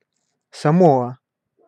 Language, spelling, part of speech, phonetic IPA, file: Russian, Самоа, proper noun, [sɐˈmoə], Ru-Самоа.ogg
- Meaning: Samoa (a country consisting of the western part of the Samoan archipelago in Polynesia, in Oceania)